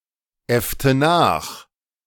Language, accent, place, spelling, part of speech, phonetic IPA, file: German, Germany, Berlin, äffte nach, verb, [ˌɛftə ˈnaːx], De-äffte nach.ogg
- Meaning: inflection of nachäffen: 1. first/third-person singular preterite 2. first/third-person singular subjunctive II